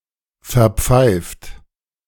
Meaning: inflection of verpfeifen: 1. third-person singular present 2. second-person plural present 3. plural imperative
- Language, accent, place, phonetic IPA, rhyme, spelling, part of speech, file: German, Germany, Berlin, [fɛɐ̯ˈp͡faɪ̯ft], -aɪ̯ft, verpfeift, verb, De-verpfeift.ogg